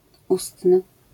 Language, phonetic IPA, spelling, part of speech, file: Polish, [ˈustnɨ], ustny, adjective, LL-Q809 (pol)-ustny.wav